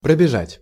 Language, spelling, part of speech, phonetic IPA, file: Russian, пробежать, verb, [prəbʲɪˈʐatʲ], Ru-пробежать.ogg
- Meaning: 1. to run past, to run through 2. to run a certain distance or for some time 3. to skim, to scan, to look through